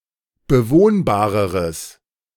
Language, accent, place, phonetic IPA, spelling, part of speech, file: German, Germany, Berlin, [bəˈvoːnbaːʁəʁəs], bewohnbareres, adjective, De-bewohnbareres.ogg
- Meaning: strong/mixed nominative/accusative neuter singular comparative degree of bewohnbar